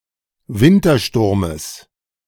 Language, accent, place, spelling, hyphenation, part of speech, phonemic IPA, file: German, Germany, Berlin, Wintersturmes, Win‧ter‧stur‧mes, noun, /ˈvɪntɐˌʃtʊʁməs/, De-Wintersturmes.ogg
- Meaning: genitive singular of Wintersturm